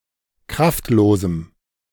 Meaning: strong dative masculine/neuter singular of kraftlos
- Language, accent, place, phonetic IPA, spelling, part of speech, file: German, Germany, Berlin, [ˈkʁaftˌloːzm̩], kraftlosem, adjective, De-kraftlosem.ogg